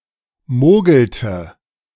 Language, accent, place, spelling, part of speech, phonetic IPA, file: German, Germany, Berlin, mogelte, verb, [ˈmoːɡl̩tə], De-mogelte.ogg
- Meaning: inflection of mogeln: 1. first/third-person singular preterite 2. first/third-person singular subjunctive II